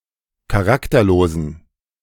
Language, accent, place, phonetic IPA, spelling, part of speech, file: German, Germany, Berlin, [kaˈʁaktɐˌloːzn̩], charakterlosen, adjective, De-charakterlosen.ogg
- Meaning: inflection of charakterlos: 1. strong genitive masculine/neuter singular 2. weak/mixed genitive/dative all-gender singular 3. strong/weak/mixed accusative masculine singular 4. strong dative plural